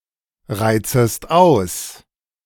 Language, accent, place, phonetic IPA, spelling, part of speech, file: German, Germany, Berlin, [ˌʁaɪ̯t͡səst ˈaʊ̯s], reizest aus, verb, De-reizest aus.ogg
- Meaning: second-person singular subjunctive I of ausreizen